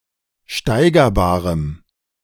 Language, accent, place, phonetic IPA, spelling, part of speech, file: German, Germany, Berlin, [ˈʃtaɪ̯ɡɐˌbaːʁəm], steigerbarem, adjective, De-steigerbarem.ogg
- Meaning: strong dative masculine/neuter singular of steigerbar